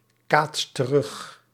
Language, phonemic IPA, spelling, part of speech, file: Dutch, /ˈkatst t(ə)ˈrʏx/, kaatst terug, verb, Nl-kaatst terug.ogg
- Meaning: inflection of terugkaatsen: 1. second/third-person singular present indicative 2. plural imperative